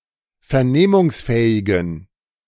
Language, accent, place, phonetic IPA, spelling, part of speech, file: German, Germany, Berlin, [fɛɐ̯ˈneːmʊŋsˌfɛːɪɡn̩], vernehmungsfähigen, adjective, De-vernehmungsfähigen.ogg
- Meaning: inflection of vernehmungsfähig: 1. strong genitive masculine/neuter singular 2. weak/mixed genitive/dative all-gender singular 3. strong/weak/mixed accusative masculine singular